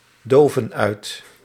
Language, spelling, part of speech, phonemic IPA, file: Dutch, doven uit, verb, /ˈdovə(n) ˈœyt/, Nl-doven uit.ogg
- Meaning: inflection of uitdoven: 1. plural present indicative 2. plural present subjunctive